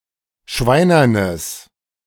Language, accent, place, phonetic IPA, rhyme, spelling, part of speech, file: German, Germany, Berlin, [ˈʃvaɪ̯nɐnəs], -aɪ̯nɐnəs, schweinernes, adjective, De-schweinernes.ogg
- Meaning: strong/mixed nominative/accusative neuter singular of schweinern